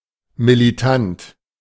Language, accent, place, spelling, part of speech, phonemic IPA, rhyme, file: German, Germany, Berlin, militant, adjective, /miliˈtant/, -ant, De-militant.ogg
- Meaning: militant